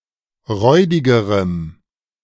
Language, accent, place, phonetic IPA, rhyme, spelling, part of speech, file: German, Germany, Berlin, [ˈʁɔɪ̯dɪɡəʁəm], -ɔɪ̯dɪɡəʁəm, räudigerem, adjective, De-räudigerem.ogg
- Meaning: strong dative masculine/neuter singular comparative degree of räudig